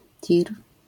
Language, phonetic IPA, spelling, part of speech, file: Polish, [tʲir], tir, noun, LL-Q809 (pol)-tir.wav